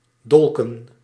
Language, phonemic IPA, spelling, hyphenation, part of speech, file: Dutch, /ˈdɔlkə(n)/, dolken, dol‧ken, verb / noun, Nl-dolken.ogg
- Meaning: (verb) to stab with a dagger; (noun) plural of dolk